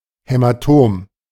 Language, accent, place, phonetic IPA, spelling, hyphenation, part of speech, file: German, Germany, Berlin, [hɛmaˈtoːm], Hämatom, Hä‧ma‧tom, noun, De-Hämatom.ogg
- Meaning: hematoma